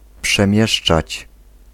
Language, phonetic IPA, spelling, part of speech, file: Polish, [pʃɛ̃ˈmʲjɛʃt͡ʃat͡ɕ], przemieszczać, verb, Pl-przemieszczać.ogg